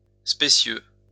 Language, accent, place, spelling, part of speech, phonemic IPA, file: French, France, Lyon, spécieux, adjective, /spe.sjø/, LL-Q150 (fra)-spécieux.wav
- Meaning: specious